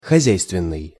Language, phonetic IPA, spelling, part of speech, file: Russian, [xɐˈzʲæjstvʲɪn(ː)ɨj], хозяйственный, adjective, Ru-хозяйственный.ogg
- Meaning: 1. economic (relating to the economy) 2. household 3. thrifty, economical 4. practical (having skills or knowledge that are practical)